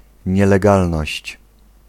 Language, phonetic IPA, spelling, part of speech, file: Polish, [ˌɲɛlɛˈɡalnɔɕt͡ɕ], nielegalność, noun, Pl-nielegalność.ogg